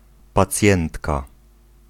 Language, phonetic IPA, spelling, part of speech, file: Polish, [paˈt͡sʲjɛ̃ntka], pacjentka, noun, Pl-pacjentka.ogg